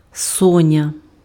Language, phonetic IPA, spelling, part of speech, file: Ukrainian, [ˈsɔnʲɐ], соня, noun, Uk-соня.ogg
- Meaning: 1. sleepyhead 2. dormouse